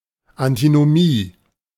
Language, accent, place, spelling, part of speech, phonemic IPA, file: German, Germany, Berlin, Antinomie, noun, /antinoˈmiː/, De-Antinomie.ogg
- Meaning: antinomy